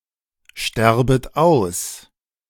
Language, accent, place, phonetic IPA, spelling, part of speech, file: German, Germany, Berlin, [ˌʃtɛʁbət ˈaʊ̯s], sterbet aus, verb, De-sterbet aus.ogg
- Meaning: second-person plural subjunctive I of aussterben